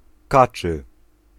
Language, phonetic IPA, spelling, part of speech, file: Polish, [ˈkat͡ʃɨ], kaczy, adjective, Pl-kaczy.ogg